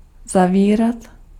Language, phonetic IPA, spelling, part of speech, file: Czech, [ˈzaviːrat], zavírat, verb, Cs-zavírat.ogg
- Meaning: 1. to close sth , to shut sth 2. to close, to shut